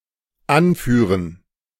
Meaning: 1. to lead; to command 2. to cite, to state, to point out 3. to instruct
- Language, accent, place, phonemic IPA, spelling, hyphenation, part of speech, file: German, Germany, Berlin, /ˈanˌfyːʁən/, anführen, an‧füh‧ren, verb, De-anführen.ogg